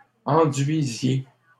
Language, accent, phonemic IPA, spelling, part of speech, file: French, Canada, /ɑ̃.dɥi.zje/, enduisiez, verb, LL-Q150 (fra)-enduisiez.wav
- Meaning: inflection of enduire: 1. second-person plural imperfect indicative 2. second-person plural present subjunctive